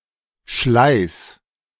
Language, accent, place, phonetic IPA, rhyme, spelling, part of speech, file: German, Germany, Berlin, [ʃlaɪ̯s], -aɪ̯s, schleiß, verb, De-schleiß.ogg
- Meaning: singular imperative of schleißen